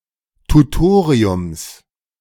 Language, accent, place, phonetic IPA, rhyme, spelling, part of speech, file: German, Germany, Berlin, [tuˈtoːʁiʊms], -oːʁiʊms, Tutoriums, noun, De-Tutoriums.ogg
- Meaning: genitive singular of Tutorium